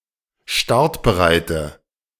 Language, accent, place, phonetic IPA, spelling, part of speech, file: German, Germany, Berlin, [ˈʃtaʁtbəˌʁaɪ̯tə], startbereite, adjective, De-startbereite.ogg
- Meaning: inflection of startbereit: 1. strong/mixed nominative/accusative feminine singular 2. strong nominative/accusative plural 3. weak nominative all-gender singular